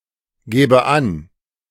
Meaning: first/third-person singular subjunctive II of angeben
- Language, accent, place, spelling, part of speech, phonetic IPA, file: German, Germany, Berlin, gäbe an, verb, [ˌɡɛːbə ˈan], De-gäbe an.ogg